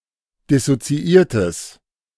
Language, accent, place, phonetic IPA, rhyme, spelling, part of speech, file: German, Germany, Berlin, [dɪsot͡siˈʔiːɐ̯təs], -iːɐ̯təs, dissoziiertes, adjective, De-dissoziiertes.ogg
- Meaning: strong/mixed nominative/accusative neuter singular of dissoziiert